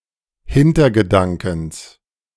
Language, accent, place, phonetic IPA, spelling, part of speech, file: German, Germany, Berlin, [ˈhɪntɐɡəˌdaŋkn̩s], Hintergedankens, noun, De-Hintergedankens.ogg
- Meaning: genitive of Hintergedanke